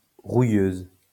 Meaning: feminine singular of rouilleux
- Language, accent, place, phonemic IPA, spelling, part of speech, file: French, France, Lyon, /ʁu.jøz/, rouilleuse, adjective, LL-Q150 (fra)-rouilleuse.wav